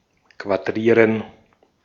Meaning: to square
- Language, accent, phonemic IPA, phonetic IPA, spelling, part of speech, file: German, Austria, /kvaˈdʁiːʁən/, [kʰvaˈdʁiːɐ̯n], quadrieren, verb, De-at-quadrieren.ogg